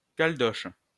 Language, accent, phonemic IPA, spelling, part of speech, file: French, France, /kal.dɔʃ/, caldoche, adjective, LL-Q150 (fra)-caldoche.wav
- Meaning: Describing European French inhabitants of New Caledonia (Caldoche)